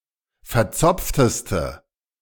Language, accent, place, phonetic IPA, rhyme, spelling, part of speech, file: German, Germany, Berlin, [fɛɐ̯ˈt͡sɔp͡ftəstə], -ɔp͡ftəstə, verzopfteste, adjective, De-verzopfteste.ogg
- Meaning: inflection of verzopft: 1. strong/mixed nominative/accusative feminine singular superlative degree 2. strong nominative/accusative plural superlative degree